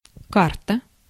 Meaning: 1. map 2. chart 3. card 4. playing card 5. menu 6. patch (of asphalt on a road)
- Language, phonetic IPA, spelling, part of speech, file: Russian, [ˈkartə], карта, noun, Ru-карта.ogg